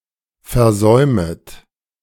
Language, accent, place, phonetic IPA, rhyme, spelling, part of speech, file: German, Germany, Berlin, [fɛɐ̯ˈzɔɪ̯mət], -ɔɪ̯mət, versäumet, verb, De-versäumet.ogg
- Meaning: second-person plural subjunctive I of versäumen